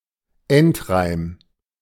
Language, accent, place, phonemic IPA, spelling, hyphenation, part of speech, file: German, Germany, Berlin, /ˈɛntˌʁaɪ̯m/, Endreim, End‧reim, noun, De-Endreim.ogg
- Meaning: end rhyme